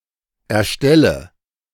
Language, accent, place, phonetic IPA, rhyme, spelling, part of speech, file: German, Germany, Berlin, [ɛɐ̯ˈʃtɛlə], -ɛlə, erstelle, verb, De-erstelle.ogg
- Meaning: inflection of erstellen: 1. first-person singular present 2. first/third-person singular subjunctive I 3. singular imperative